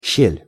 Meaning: 1. chink, crack; gap, opening 2. fissure; cleft
- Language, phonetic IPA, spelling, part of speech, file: Russian, [ɕːelʲ], щель, noun, Ru-щель.ogg